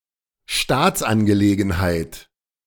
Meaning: state affair
- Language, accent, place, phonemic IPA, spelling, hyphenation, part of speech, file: German, Germany, Berlin, /ˈʃtaːt͡sʔanɡəˌleːɡn̩haɪ̯t/, Staatsangelegenheit, Staats‧an‧ge‧le‧gen‧heit, noun, De-Staatsangelegenheit.ogg